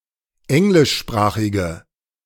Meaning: inflection of englischsprachig: 1. strong/mixed nominative/accusative feminine singular 2. strong nominative/accusative plural 3. weak nominative all-gender singular
- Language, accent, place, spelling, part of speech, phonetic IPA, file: German, Germany, Berlin, englischsprachige, adjective, [ˈɛŋlɪʃˌʃpʁaːxɪɡə], De-englischsprachige.ogg